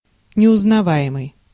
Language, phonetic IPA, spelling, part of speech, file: Russian, [nʲɪʊznɐˈva(j)ɪmɨj], неузнаваемый, adjective, Ru-неузнаваемый.ogg
- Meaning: unrecognizable